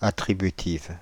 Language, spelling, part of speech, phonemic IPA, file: French, attributive, adjective, /a.tʁi.by.tiv/, Fr-attributive.ogg
- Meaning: feminine singular of attributif